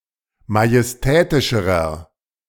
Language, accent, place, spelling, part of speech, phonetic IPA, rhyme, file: German, Germany, Berlin, majestätischerer, adjective, [majɛsˈtɛːtɪʃəʁɐ], -ɛːtɪʃəʁɐ, De-majestätischerer.ogg
- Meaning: inflection of majestätisch: 1. strong/mixed nominative masculine singular comparative degree 2. strong genitive/dative feminine singular comparative degree 3. strong genitive plural comparative degree